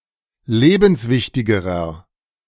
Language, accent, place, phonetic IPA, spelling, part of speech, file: German, Germany, Berlin, [ˈleːbn̩sˌvɪçtɪɡəʁɐ], lebenswichtigerer, adjective, De-lebenswichtigerer.ogg
- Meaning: inflection of lebenswichtig: 1. strong/mixed nominative masculine singular comparative degree 2. strong genitive/dative feminine singular comparative degree